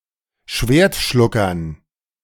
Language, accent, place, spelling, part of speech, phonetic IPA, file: German, Germany, Berlin, Schwertschluckern, noun, [ˈʃveːɐ̯tˌʃlʊkɐn], De-Schwertschluckern.ogg
- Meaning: dative plural of Schwertschlucker